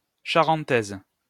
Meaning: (noun) carpet slipper; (adjective) feminine singular of charentais
- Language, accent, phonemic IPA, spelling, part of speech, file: French, France, /ʃa.ʁɑ̃.tɛz/, charentaise, noun / adjective, LL-Q150 (fra)-charentaise.wav